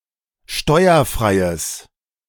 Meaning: strong/mixed nominative/accusative neuter singular of steuerfrei
- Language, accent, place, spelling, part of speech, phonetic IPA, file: German, Germany, Berlin, steuerfreies, adjective, [ˈʃtɔɪ̯ɐˌfʁaɪ̯əs], De-steuerfreies.ogg